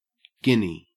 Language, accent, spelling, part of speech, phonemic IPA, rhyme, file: English, Australia, guinea, noun, /ˈɡɪni/, -ɪni, En-au-guinea.ogg
- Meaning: 1. A gold coin originally worth twenty shillings; later (from 1717 until the adoption of decimal currency) standardised at a value of twenty-one shillings 2. Synonym of guinea fowl